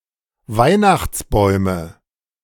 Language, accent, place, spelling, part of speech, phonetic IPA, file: German, Germany, Berlin, Weihnachtsbäume, noun, [ˈvaɪ̯naxt͡sˌbɔɪ̯mə], De-Weihnachtsbäume.ogg
- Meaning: nominative/accusative/genitive plural of Weihnachtsbaum